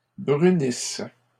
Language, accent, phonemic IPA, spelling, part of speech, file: French, Canada, /bʁy.nis/, brunisse, verb, LL-Q150 (fra)-brunisse.wav
- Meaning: inflection of brunir: 1. first/third-person singular present subjunctive 2. first-person singular imperfect subjunctive